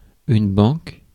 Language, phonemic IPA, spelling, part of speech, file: French, /bɑ̃k/, banque, noun, Fr-banque.ogg
- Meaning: bank